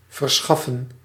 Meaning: to procure, provide
- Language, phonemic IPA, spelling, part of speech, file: Dutch, /vərˈsxɑfə(n)/, verschaffen, verb, Nl-verschaffen.ogg